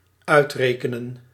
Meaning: to compute, to calculate, to reckon, to cipher, to count, to do the math, to work out
- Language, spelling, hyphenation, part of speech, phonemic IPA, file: Dutch, uitrekenen, uit‧re‧ke‧nen, verb, /œy̯treːkənən/, Nl-uitrekenen.ogg